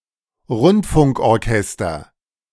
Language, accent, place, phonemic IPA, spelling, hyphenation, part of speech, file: German, Germany, Berlin, /ˈʁʊntfʊŋk.ɔʁˌkɛstɐ/, Rundfunkorchester, Rund‧funk‧or‧ches‧ter, noun, De-Rundfunkorchester.ogg
- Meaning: radio orchestra